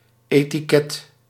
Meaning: label, tag
- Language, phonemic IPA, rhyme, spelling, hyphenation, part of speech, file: Dutch, /ˌeː.tiˈkɛt/, -ɛt, etiket, eti‧ket, noun, Nl-etiket.ogg